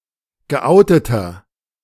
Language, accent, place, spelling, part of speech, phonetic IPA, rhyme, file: German, Germany, Berlin, geouteter, adjective, [ɡəˈʔaʊ̯tətɐ], -aʊ̯tətɐ, De-geouteter.ogg
- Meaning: inflection of geoutet: 1. strong/mixed nominative masculine singular 2. strong genitive/dative feminine singular 3. strong genitive plural